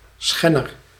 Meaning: violator
- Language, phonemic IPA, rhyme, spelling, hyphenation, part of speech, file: Dutch, /ˈsxɛnər/, -ɛnər, schenner, schen‧ner, noun, Nl-schenner.ogg